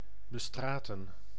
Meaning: to pave, to cover with stones
- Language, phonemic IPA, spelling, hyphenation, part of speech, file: Dutch, /bəˈstraːtə(n)/, bestraten, be‧stra‧ten, verb, Nl-bestraten.ogg